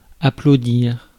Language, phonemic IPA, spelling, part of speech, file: French, /a.plo.diʁ/, applaudir, verb, Fr-applaudir.ogg
- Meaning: to applaud (express approval by clapping)